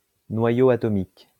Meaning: atomic nucleus
- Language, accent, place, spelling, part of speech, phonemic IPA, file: French, France, Lyon, noyau atomique, noun, /nwa.jo a.tɔ.mik/, LL-Q150 (fra)-noyau atomique.wav